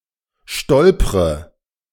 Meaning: inflection of stolpern: 1. first-person singular present 2. first/third-person singular subjunctive I 3. singular imperative
- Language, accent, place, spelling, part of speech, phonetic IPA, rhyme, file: German, Germany, Berlin, stolpre, verb, [ˈʃtɔlpʁə], -ɔlpʁə, De-stolpre.ogg